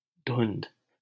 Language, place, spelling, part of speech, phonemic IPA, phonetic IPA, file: Hindi, Delhi, धुंध, noun, /d̪ʱʊnd̪ʱ/, [d̪ʱʊ̃n̪d̪ʱ], LL-Q1568 (hin)-धुंध.wav
- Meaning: fog, haze, mist